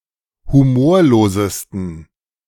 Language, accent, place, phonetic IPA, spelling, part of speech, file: German, Germany, Berlin, [huˈmoːɐ̯loːzəstn̩], humorlosesten, adjective, De-humorlosesten.ogg
- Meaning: 1. superlative degree of humorlos 2. inflection of humorlos: strong genitive masculine/neuter singular superlative degree